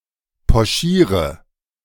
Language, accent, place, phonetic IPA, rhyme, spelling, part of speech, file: German, Germany, Berlin, [pɔˈʃiːʁə], -iːʁə, pochiere, verb, De-pochiere.ogg
- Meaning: inflection of pochieren: 1. first-person singular present 2. first/third-person singular subjunctive I 3. singular imperative